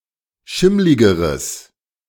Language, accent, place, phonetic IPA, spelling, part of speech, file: German, Germany, Berlin, [ˈʃɪmlɪɡəʁəs], schimmligeres, adjective, De-schimmligeres.ogg
- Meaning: strong/mixed nominative/accusative neuter singular comparative degree of schimmlig